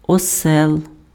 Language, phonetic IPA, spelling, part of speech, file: Ukrainian, [ɔˈsɛɫ], осел, noun, Uk-осел.ogg
- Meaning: donkey, ass